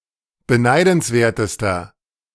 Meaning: inflection of beneidenswert: 1. strong/mixed nominative masculine singular superlative degree 2. strong genitive/dative feminine singular superlative degree
- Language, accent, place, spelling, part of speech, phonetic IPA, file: German, Germany, Berlin, beneidenswertester, adjective, [bəˈnaɪ̯dn̩sˌveːɐ̯təstɐ], De-beneidenswertester.ogg